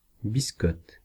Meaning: 1. rusk (light, soft bread, often toasted or crisped in an oven) 2. yellow card, booking
- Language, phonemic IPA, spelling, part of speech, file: French, /bis.kɔt/, biscotte, noun, Fr-biscotte.ogg